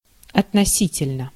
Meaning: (adverb) 1. relatively (proportionally) 2. rather 3. concerning, regarding, with respect to, as regards; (adjective) short neuter singular of относи́тельный (otnosítelʹnyj)
- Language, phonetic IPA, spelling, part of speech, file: Russian, [ɐtnɐˈsʲitʲɪlʲnə], относительно, adverb / adjective, Ru-относительно.ogg